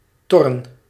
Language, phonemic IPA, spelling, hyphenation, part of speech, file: Dutch, /ˈtɔ.rə(n)/, torren, tor‧ren, noun, Nl-torren.ogg
- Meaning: plural of tor